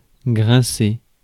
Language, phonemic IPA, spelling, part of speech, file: French, /ɡʁɛ̃.se/, grincer, verb, Fr-grincer.ogg
- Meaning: 1. to squeak (emit sound) 2. to creak, rasp, squeal 3. to gnash 4. to squawk 5. to grumble